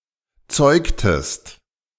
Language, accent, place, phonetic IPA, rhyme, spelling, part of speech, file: German, Germany, Berlin, [ˈt͡sɔɪ̯ktəst], -ɔɪ̯ktəst, zeugtest, verb, De-zeugtest.ogg
- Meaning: inflection of zeugen: 1. second-person singular preterite 2. second-person singular subjunctive II